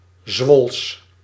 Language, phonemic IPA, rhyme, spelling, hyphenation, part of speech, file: Dutch, /zʋɔls/, -ɔls, Zwols, Zwols, adjective, Nl-Zwols.ogg
- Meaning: of, from or pertaining to Zwolle